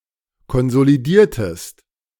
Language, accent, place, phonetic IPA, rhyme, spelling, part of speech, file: German, Germany, Berlin, [kɔnzoliˈdiːɐ̯təst], -iːɐ̯təst, konsolidiertest, verb, De-konsolidiertest.ogg
- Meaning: inflection of konsolidieren: 1. second-person singular preterite 2. second-person singular subjunctive II